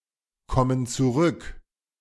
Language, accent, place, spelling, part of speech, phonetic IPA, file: German, Germany, Berlin, kommen zurück, verb, [ˌkɔmən t͡suˈʁʏk], De-kommen zurück.ogg
- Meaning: inflection of zurückkommen: 1. first/third-person plural present 2. first/third-person plural subjunctive I